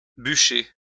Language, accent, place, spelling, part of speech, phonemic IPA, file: French, France, Lyon, bucher, noun / verb, /by.ʃe/, LL-Q150 (fra)-bucher.wav
- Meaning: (noun) post-1990 spelling of bûcher